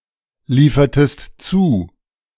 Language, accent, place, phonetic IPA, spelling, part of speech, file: German, Germany, Berlin, [ˌliːfɐtəst ˈt͡suː], liefertest zu, verb, De-liefertest zu.ogg
- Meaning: inflection of zuliefern: 1. second-person singular preterite 2. second-person singular subjunctive II